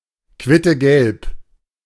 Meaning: quince-yellow
- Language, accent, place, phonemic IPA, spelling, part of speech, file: German, Germany, Berlin, /ˌkvɪtəˈɡɛlp/, quittegelb, adjective, De-quittegelb.ogg